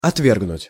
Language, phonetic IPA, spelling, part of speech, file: Russian, [ɐtˈvʲerɡnʊtʲ], отвергнуть, verb, Ru-отвергнуть.ogg
- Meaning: to reject, to repel, to repudiate, to scout (reject with contempt), to waive, to disallow